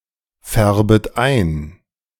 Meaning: second-person plural subjunctive I of einfärben
- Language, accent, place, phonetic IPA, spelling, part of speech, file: German, Germany, Berlin, [ˌfɛʁbət ˈaɪ̯n], färbet ein, verb, De-färbet ein.ogg